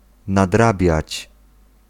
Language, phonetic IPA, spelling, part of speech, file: Polish, [nadˈrabʲjät͡ɕ], nadrabiać, verb, Pl-nadrabiać.ogg